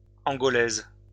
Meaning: female equivalent of Angolais
- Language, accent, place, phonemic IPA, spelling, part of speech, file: French, France, Lyon, /ɑ̃.ɡɔ.lɛz/, Angolaise, noun, LL-Q150 (fra)-Angolaise.wav